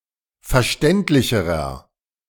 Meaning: inflection of verständlich: 1. strong/mixed nominative masculine singular comparative degree 2. strong genitive/dative feminine singular comparative degree 3. strong genitive plural comparative degree
- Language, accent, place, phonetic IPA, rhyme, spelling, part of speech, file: German, Germany, Berlin, [fɛɐ̯ˈʃtɛntlɪçəʁɐ], -ɛntlɪçəʁɐ, verständlicherer, adjective, De-verständlicherer.ogg